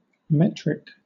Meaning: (adjective) 1. Of or relating to the metric system of measurement 2. Of or relating to measurement by meters or by metrics 3. Of or relating to the meter of a piece of music
- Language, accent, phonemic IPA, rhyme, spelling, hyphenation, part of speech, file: English, Southern England, /ˈmɛt.ɹɪk/, -ɛtɹɪk, metric, met‧ric, adjective / noun / verb, LL-Q1860 (eng)-metric.wav